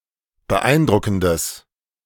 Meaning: strong/mixed nominative/accusative neuter singular of beeindruckend
- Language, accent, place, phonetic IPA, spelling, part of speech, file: German, Germany, Berlin, [bəˈʔaɪ̯nˌdʁʊkn̩dəs], beeindruckendes, adjective, De-beeindruckendes.ogg